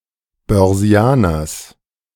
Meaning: genitive singular of Börsianer
- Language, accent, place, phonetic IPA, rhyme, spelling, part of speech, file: German, Germany, Berlin, [bœʁˈzi̯aːnɐs], -aːnɐs, Börsianers, noun, De-Börsianers.ogg